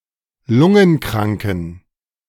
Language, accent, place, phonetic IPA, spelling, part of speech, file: German, Germany, Berlin, [ˈlʊŋənˌkʁaŋkn̩], lungenkranken, adjective, De-lungenkranken.ogg
- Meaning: inflection of lungenkrank: 1. strong genitive masculine/neuter singular 2. weak/mixed genitive/dative all-gender singular 3. strong/weak/mixed accusative masculine singular 4. strong dative plural